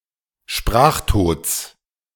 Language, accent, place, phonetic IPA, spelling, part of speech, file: German, Germany, Berlin, [ˈʃpʁaːxˌtoːt͡s], Sprachtods, noun, De-Sprachtods.ogg
- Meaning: genitive singular of Sprachtod